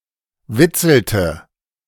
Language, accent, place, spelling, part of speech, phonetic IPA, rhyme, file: German, Germany, Berlin, witzelte, verb, [ˈvɪt͡sl̩tə], -ɪt͡sl̩tə, De-witzelte.ogg
- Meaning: inflection of witzeln: 1. first/third-person singular preterite 2. first/third-person singular subjunctive II